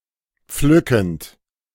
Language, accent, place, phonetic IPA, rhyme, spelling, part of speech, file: German, Germany, Berlin, [ˈp͡flʏkn̩t], -ʏkn̩t, pflückend, verb, De-pflückend.ogg
- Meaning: present participle of pflücken